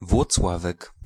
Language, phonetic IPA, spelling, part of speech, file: Polish, [vwɔt͡sˈwavɛk], Włocławek, proper noun, Pl-Włocławek.ogg